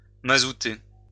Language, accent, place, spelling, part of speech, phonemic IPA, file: French, France, Lyon, mazouter, verb, /ma.zu.te/, LL-Q150 (fra)-mazouter.wav
- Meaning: to pollute with petrol or oil